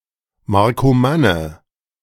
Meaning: a member of the Marcomanni tribe
- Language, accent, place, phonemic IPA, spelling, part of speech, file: German, Germany, Berlin, /maʁkoˈmanə/, Markomanne, noun, De-Markomanne.ogg